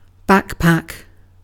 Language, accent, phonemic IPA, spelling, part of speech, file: English, UK, /ˈbæk.pæk/, backpack, noun / verb, En-uk-backpack.ogg